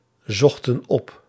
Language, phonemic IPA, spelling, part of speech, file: Dutch, /ˈzɔxtə(n) ˈɔp/, zochten op, verb, Nl-zochten op.ogg
- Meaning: inflection of opzoeken: 1. plural past indicative 2. plural past subjunctive